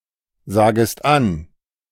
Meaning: second-person singular subjunctive I of ansagen
- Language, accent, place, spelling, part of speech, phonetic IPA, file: German, Germany, Berlin, sagest an, verb, [ˌzaːɡəst ˈan], De-sagest an.ogg